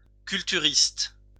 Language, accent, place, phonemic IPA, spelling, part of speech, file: French, France, Lyon, /kyl.ty.ʁist/, culturiste, noun, LL-Q150 (fra)-culturiste.wav
- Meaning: bodybuilder